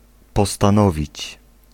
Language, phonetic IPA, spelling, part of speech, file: Polish, [ˌpɔstãˈnɔvʲit͡ɕ], postanowić, verb, Pl-postanowić.ogg